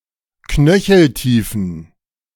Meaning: inflection of knöcheltief: 1. strong genitive masculine/neuter singular 2. weak/mixed genitive/dative all-gender singular 3. strong/weak/mixed accusative masculine singular 4. strong dative plural
- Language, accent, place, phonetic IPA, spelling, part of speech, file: German, Germany, Berlin, [ˈknœçl̩ˌtiːfn̩], knöcheltiefen, adjective, De-knöcheltiefen.ogg